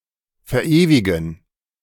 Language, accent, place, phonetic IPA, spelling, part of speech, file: German, Germany, Berlin, [fɛɐ̯ˈʔeːvɪɡn̩], verewigen, verb, De-verewigen.ogg
- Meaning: to immortalize